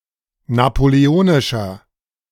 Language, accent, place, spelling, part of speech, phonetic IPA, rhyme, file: German, Germany, Berlin, napoleonischer, adjective, [napoleˈoːnɪʃɐ], -oːnɪʃɐ, De-napoleonischer.ogg
- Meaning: inflection of napoleonisch: 1. strong/mixed nominative masculine singular 2. strong genitive/dative feminine singular 3. strong genitive plural